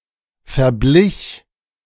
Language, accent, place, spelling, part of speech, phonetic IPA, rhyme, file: German, Germany, Berlin, verblich, verb, [fɛɐ̯ˈblɪç], -ɪç, De-verblich.ogg
- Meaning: first/third-person singular preterite of verbleichen